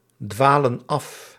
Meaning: inflection of afdwalen: 1. plural present indicative 2. plural present subjunctive
- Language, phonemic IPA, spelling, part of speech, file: Dutch, /ˈdwalə(n) ˈɑf/, dwalen af, verb, Nl-dwalen af.ogg